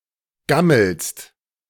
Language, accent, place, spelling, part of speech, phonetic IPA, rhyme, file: German, Germany, Berlin, gammelst, verb, [ˈɡaml̩st], -aml̩st, De-gammelst.ogg
- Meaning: second-person singular present of gammeln